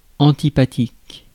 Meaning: antipathic
- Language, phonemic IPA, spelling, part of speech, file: French, /ɑ̃.ti.pa.tik/, antipathique, adjective, Fr-antipathique.ogg